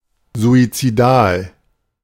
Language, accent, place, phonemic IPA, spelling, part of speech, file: German, Germany, Berlin, /ˌzuːitsiˈdaːl/, suizidal, adjective, De-suizidal.ogg
- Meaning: 1. suicidal (pertaining or referring to suicide) 2. suicidal (inclined to suicide) 3. suicidal (aimed at suicide, constituting it)